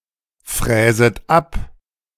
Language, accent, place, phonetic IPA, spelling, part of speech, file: German, Germany, Berlin, [ˌfʁɛːzət ˈap], fräset ab, verb, De-fräset ab.ogg
- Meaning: second-person plural subjunctive I of abfräsen